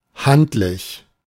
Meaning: handy
- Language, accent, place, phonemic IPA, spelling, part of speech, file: German, Germany, Berlin, /ˈhantlɪç/, handlich, adjective, De-handlich.ogg